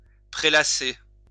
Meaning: to sprawl, to lounge, to laze
- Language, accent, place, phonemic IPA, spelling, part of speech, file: French, France, Lyon, /pʁe.la.se/, prélasser, verb, LL-Q150 (fra)-prélasser.wav